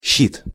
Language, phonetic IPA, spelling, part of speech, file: Russian, [ɕːit], щит, noun / interjection, Ru-щит.ogg
- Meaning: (noun) 1. shield 2. panel, board (mounting tools, machinery, images, etc.) 3. sluice-gate 4. carapax or plastron (dorsal or ventral half of a tortoise's or turtle's shell) 5. escutcheon